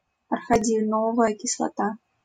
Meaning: arachidonic acid
- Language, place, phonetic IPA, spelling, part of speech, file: Russian, Saint Petersburg, [ɐrəxʲɪˈdonəvəjə kʲɪsɫɐˈta], арахидоновая кислота, noun, LL-Q7737 (rus)-арахидоновая кислота.wav